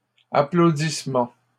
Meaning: applause, clapping
- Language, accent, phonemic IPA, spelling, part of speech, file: French, Canada, /a.plo.dis.mɑ̃/, applaudissement, noun, LL-Q150 (fra)-applaudissement.wav